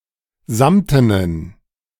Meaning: inflection of samten: 1. strong genitive masculine/neuter singular 2. weak/mixed genitive/dative all-gender singular 3. strong/weak/mixed accusative masculine singular 4. strong dative plural
- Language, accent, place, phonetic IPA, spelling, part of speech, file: German, Germany, Berlin, [ˈzamtənən], samtenen, adjective, De-samtenen.ogg